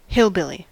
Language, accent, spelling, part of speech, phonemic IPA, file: English, US, hillbilly, noun / verb, /ˈhɪlˌbɪli/, En-us-hillbilly.ogg
- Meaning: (noun) Someone who is from the hills; especially from a rural area, with a connotation of a lack of refinement or sophistication